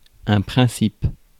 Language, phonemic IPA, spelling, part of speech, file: French, /pʁɛ̃.sip/, principe, noun, Fr-principe.ogg
- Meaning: 1. principle 2. beginning; start; commencement 3. source; origin; cause